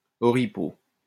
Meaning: 1. shining copper blade 2. rags
- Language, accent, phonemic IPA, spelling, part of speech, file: French, France, /ɔ.ʁi.po/, oripeau, noun, LL-Q150 (fra)-oripeau.wav